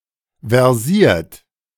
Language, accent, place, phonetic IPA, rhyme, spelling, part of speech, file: German, Germany, Berlin, [vɛʁˈziːɐ̯t], -iːɐ̯t, versiert, adjective / verb, De-versiert.ogg
- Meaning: versed